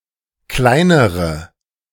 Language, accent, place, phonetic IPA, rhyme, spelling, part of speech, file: German, Germany, Berlin, [ˈklaɪ̯nəʁə], -aɪ̯nəʁə, kleinere, adjective / verb, De-kleinere.ogg
- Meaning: inflection of klein: 1. strong/mixed nominative/accusative feminine singular comparative degree 2. strong nominative/accusative plural comparative degree